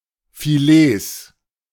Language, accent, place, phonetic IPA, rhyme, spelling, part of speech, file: German, Germany, Berlin, [fiˈleːs], -eːs, Filets, noun, De-Filets.ogg
- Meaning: plural of Filet